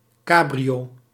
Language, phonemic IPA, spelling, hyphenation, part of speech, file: Dutch, /ˈkaː.bri.oː/, cabrio, ca‧brio, noun, Nl-cabrio.ogg
- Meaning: cabriolet: convertible car